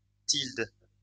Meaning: tilde
- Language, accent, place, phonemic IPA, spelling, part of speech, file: French, France, Lyon, /tild/, tilde, noun, LL-Q150 (fra)-tilde.wav